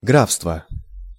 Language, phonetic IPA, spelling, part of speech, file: Russian, [ˈɡrafstvə], графства, noun, Ru-графства.ogg
- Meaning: inflection of гра́фство (gráfstvo): 1. genitive singular 2. nominative/accusative plural